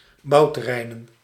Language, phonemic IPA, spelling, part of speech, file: Dutch, /ˈbɑutəˌrɛinə(n)/, bouwterreinen, noun, Nl-bouwterreinen.ogg
- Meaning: plural of bouwterrein